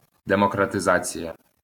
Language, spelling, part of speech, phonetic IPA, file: Ukrainian, демократизація, noun, [demɔkrɐteˈzat͡sʲijɐ], LL-Q8798 (ukr)-демократизація.wav
- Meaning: democratization